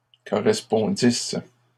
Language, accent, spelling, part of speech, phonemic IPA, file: French, Canada, correspondisses, verb, /kɔ.ʁɛs.pɔ̃.dis/, LL-Q150 (fra)-correspondisses.wav
- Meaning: second-person singular imperfect subjunctive of correspondre